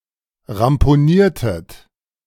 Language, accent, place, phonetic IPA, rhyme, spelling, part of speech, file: German, Germany, Berlin, [ʁampoˈniːɐ̯tət], -iːɐ̯tət, ramponiertet, verb, De-ramponiertet.ogg
- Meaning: inflection of ramponieren: 1. second-person plural preterite 2. second-person plural subjunctive II